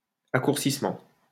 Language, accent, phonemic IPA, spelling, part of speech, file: French, France, /a.kuʁ.sis.mɑ̃/, accourcissement, noun, LL-Q150 (fra)-accourcissement.wav
- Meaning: shortening